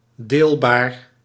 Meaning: divisible
- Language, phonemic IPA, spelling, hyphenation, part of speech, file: Dutch, /ˈdeːl.baːr/, deelbaar, deel‧baar, adjective, Nl-deelbaar.ogg